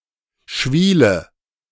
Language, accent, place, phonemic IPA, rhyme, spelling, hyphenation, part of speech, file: German, Germany, Berlin, /ˈʃviːlə/, -iːlə, Schwiele, Schwie‧le, noun, De-Schwiele.ogg
- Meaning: callus